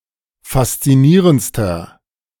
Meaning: inflection of faszinierend: 1. strong/mixed nominative masculine singular superlative degree 2. strong genitive/dative feminine singular superlative degree 3. strong genitive plural superlative degree
- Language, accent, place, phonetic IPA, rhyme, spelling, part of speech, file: German, Germany, Berlin, [fast͡siˈniːʁənt͡stɐ], -iːʁənt͡stɐ, faszinierendster, adjective, De-faszinierendster.ogg